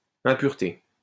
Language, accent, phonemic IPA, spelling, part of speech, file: French, France, /ɛ̃.pyʁ.te/, impureté, noun, LL-Q150 (fra)-impureté.wav
- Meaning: impurity